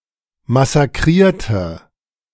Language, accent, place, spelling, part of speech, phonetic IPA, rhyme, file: German, Germany, Berlin, massakrierte, adjective / verb, [masaˈkʁiːɐ̯tə], -iːɐ̯tə, De-massakrierte.ogg
- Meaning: inflection of massakrieren: 1. first/third-person singular preterite 2. first/third-person singular subjunctive II